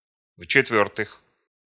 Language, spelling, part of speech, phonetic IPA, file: Russian, в-четвёртых, adverb, [f‿t͡ɕɪtˈvʲɵrtɨx], Ru-в-четвёртых.ogg
- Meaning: fourthly, in the fourth place